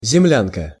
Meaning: 1. dugout, earth-house, (mud) hut, zemlyanka 2. a female Earthling (a woman or girl from Earth)
- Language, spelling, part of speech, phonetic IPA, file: Russian, землянка, noun, [zʲɪˈmlʲankə], Ru-землянка.ogg